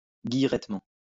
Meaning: perkily, cheerfully
- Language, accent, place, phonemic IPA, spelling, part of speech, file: French, France, Lyon, /ɡij.ʁɛt.mɑ̃/, guillerettement, adverb, LL-Q150 (fra)-guillerettement.wav